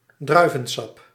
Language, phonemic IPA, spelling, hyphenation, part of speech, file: Dutch, /ˈdrœy̯.və(n)ˌsɑp/, druivensap, drui‧ven‧sap, noun, Nl-druivensap.ogg
- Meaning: grape juice